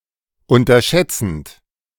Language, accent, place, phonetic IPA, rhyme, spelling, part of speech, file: German, Germany, Berlin, [ˌʊntɐˈʃɛt͡sn̩t], -ɛt͡sn̩t, unterschätzend, verb, De-unterschätzend.ogg
- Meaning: present participle of unterschätzen